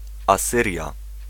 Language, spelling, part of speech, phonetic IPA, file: Polish, Asyria, proper noun, [aˈsɨrʲja], Pl-Asyria.ogg